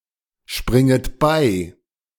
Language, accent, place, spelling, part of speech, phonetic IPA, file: German, Germany, Berlin, springet bei, verb, [ˌʃpʁɪŋət ˈbaɪ̯], De-springet bei.ogg
- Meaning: second-person plural subjunctive I of beispringen